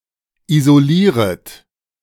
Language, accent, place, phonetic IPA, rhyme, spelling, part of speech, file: German, Germany, Berlin, [izoˈliːʁət], -iːʁət, isolieret, verb, De-isolieret.ogg
- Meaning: second-person plural subjunctive I of isolieren